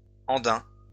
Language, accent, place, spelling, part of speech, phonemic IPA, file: French, France, Lyon, andin, adjective / noun, /ɑ̃.dɛ̃/, LL-Q150 (fra)-andin.wav
- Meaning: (adjective) Andean